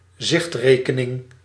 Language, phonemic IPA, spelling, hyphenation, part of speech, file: Dutch, /ˈzɪxtreːkəˌnɪŋ/, zichtrekening, zicht‧re‧ke‧ning, noun, Nl-zichtrekening.ogg
- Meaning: a checking account, a current account (bank account)